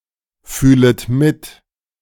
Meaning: second-person plural subjunctive I of mitfühlen
- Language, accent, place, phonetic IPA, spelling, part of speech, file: German, Germany, Berlin, [ˌfyːlət ˈmɪt], fühlet mit, verb, De-fühlet mit.ogg